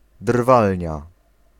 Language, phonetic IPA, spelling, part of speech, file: Polish, [ˈdrvalʲɲa], drwalnia, noun, Pl-drwalnia.ogg